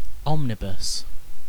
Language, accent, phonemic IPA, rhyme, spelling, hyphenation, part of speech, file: English, Received Pronunciation, /ˈɒmnɪbəs/, -ɪbəs, omnibus, om‧ni‧bus, noun / adjective / verb, En-uk-omnibus.ogg
- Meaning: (noun) 1. A bus (vehicle for transporting large numbers of people along roads) 2. An anthology of previously released material linked together by theme or author, especially in book form